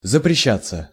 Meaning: 1. to be prohibited, to be forbidden, to be banned 2. passive of запреща́ть (zapreščátʹ)
- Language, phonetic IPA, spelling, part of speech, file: Russian, [zəprʲɪˈɕːat͡sːə], запрещаться, verb, Ru-запрещаться.ogg